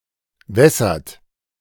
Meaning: inflection of wässern: 1. third-person singular present 2. second-person plural present 3. plural imperative
- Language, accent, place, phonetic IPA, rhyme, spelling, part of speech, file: German, Germany, Berlin, [ˈvɛsɐt], -ɛsɐt, wässert, verb, De-wässert.ogg